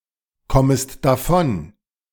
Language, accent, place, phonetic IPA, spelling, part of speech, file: German, Germany, Berlin, [ˌkɔməst daˈfɔn], kommest davon, verb, De-kommest davon.ogg
- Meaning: second-person singular subjunctive I of davonkommen